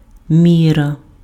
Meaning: measure, scale, standard
- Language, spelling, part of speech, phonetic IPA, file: Ukrainian, міра, noun, [ˈmʲirɐ], Uk-міра.ogg